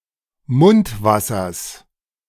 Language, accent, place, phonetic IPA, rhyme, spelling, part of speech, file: German, Germany, Berlin, [ˈmʊntˌvasɐs], -ʊntvasɐs, Mundwassers, noun, De-Mundwassers.ogg
- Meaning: genitive singular of Mundwasser